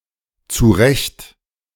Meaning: 1. Adverbial and separable verbal prefix indicating an improvement or a correction 2. Adverbial and separable verbal prefix indicating putting something into desired place or shape
- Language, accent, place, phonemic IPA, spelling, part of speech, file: German, Germany, Berlin, /t͡suːˈʁɛçt/, zurecht-, prefix, De-zurecht-.ogg